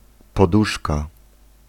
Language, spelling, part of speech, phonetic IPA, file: Polish, poduszka, noun, [pɔˈduʃka], Pl-poduszka.ogg